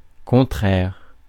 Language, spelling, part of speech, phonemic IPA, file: French, contraire, adjective / noun, /kɔ̃.tʁɛːʁ/, Fr-contraire.ogg
- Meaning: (adjective) 1. opposite 2. contradictory 3. hostile, unfavourable